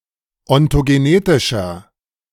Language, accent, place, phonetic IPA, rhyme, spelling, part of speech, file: German, Germany, Berlin, [ɔntoɡeˈneːtɪʃɐ], -eːtɪʃɐ, ontogenetischer, adjective, De-ontogenetischer.ogg
- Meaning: inflection of ontogenetisch: 1. strong/mixed nominative masculine singular 2. strong genitive/dative feminine singular 3. strong genitive plural